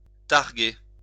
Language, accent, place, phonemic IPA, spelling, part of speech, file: French, France, Lyon, /taʁ.ɡe/, targuer, verb, LL-Q150 (fra)-targuer.wav
- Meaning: to claim, boast